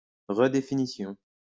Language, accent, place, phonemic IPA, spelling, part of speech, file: French, France, Lyon, /ʁə.de.fi.ni.sjɔ̃/, redéfinition, noun, LL-Q150 (fra)-redéfinition.wav
- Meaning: 1. redefinition (act or instance of redefining) 2. overriding